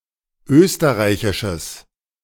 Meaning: strong/mixed nominative/accusative neuter singular of österreichisch
- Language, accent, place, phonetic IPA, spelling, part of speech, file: German, Germany, Berlin, [ˈøːstəʁaɪ̯çɪʃəs], österreichisches, adjective, De-österreichisches.ogg